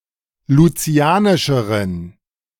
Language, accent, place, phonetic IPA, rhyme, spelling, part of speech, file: German, Germany, Berlin, [luˈt͡si̯aːnɪʃəʁən], -aːnɪʃəʁən, lucianischeren, adjective, De-lucianischeren.ogg
- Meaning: inflection of lucianisch: 1. strong genitive masculine/neuter singular comparative degree 2. weak/mixed genitive/dative all-gender singular comparative degree